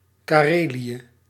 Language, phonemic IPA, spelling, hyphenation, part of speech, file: Dutch, /ˌkaːˈreː.li.ə/, Karelië, Ka‧re‧lië, proper noun, Nl-Karelië.ogg
- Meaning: 1. Karelia (a historical region of Northern Europe, located to the north of Saint Petersburg and politically split between Russia and Finland) 2. Karelia (a republic and federal subject of Russia)